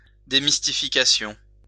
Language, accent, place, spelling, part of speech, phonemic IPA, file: French, France, Lyon, démystification, noun, /de.mis.ti.fi.ka.sjɔ̃/, LL-Q150 (fra)-démystification.wav
- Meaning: demystification